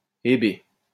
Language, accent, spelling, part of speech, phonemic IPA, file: French, France, Hébé, proper noun, /e.be/, LL-Q150 (fra)-Hébé.wav
- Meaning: Hebe, the goddess of youth